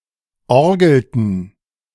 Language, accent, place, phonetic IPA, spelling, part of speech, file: German, Germany, Berlin, [ˈɔʁɡl̩tn̩], orgelten, verb, De-orgelten.ogg
- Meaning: inflection of orgeln: 1. first/third-person plural preterite 2. first/third-person plural subjunctive II